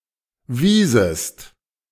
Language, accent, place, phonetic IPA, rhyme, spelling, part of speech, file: German, Germany, Berlin, [ˈviːzəst], -iːzəst, wiesest, verb, De-wiesest.ogg
- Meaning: second-person singular subjunctive II of weisen